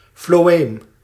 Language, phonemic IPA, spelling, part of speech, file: Dutch, /floːˈeːm/, floëem, noun, Nl-floëem.ogg
- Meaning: phloem